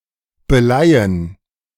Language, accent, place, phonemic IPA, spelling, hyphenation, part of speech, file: German, Germany, Berlin, /bəˈlaɪ̯ən/, beleihen, be‧lei‧hen, verb, De-beleihen.ogg
- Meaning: to pawn (give as security for a loan)